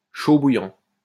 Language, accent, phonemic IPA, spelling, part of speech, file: French, France, /ʃo bu.jɑ̃/, chaud bouillant, adjective, LL-Q150 (fra)-chaud bouillant.wav
- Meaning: boiling hot